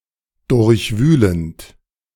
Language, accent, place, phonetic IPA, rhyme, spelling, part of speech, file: German, Germany, Berlin, [ˌdʊʁçˈvyːlənt], -yːlənt, durchwühlend, verb, De-durchwühlend.ogg
- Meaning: present participle of durchwühlen